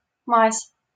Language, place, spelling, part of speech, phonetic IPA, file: Russian, Saint Petersburg, мазь, noun, [masʲ], LL-Q7737 (rus)-мазь.wav
- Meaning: 1. ointment, salve, liniment 2. …, lubricant 3. raw opium